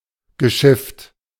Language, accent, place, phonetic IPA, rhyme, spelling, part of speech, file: German, Germany, Berlin, [ɡəˈʃɪft], -ɪft, geschifft, verb, De-geschifft.ogg
- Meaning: past participle of schiffen